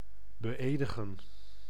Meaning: to swear in, to give an oath to
- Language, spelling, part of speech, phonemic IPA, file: Dutch, beëdigen, verb, /bəˈeːdəɣə(n)/, Nl-beëdigen.ogg